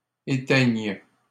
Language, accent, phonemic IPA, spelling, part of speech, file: French, Canada, /e.tɛɲ/, éteignent, verb, LL-Q150 (fra)-éteignent.wav
- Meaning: third-person plural present indicative/subjunctive of éteindre